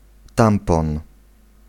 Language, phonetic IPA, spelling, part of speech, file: Polish, [ˈtãmpɔ̃n], tampon, noun, Pl-tampon.ogg